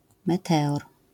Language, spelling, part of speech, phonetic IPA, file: Polish, meteor, noun, [mɛˈtɛɔr], LL-Q809 (pol)-meteor.wav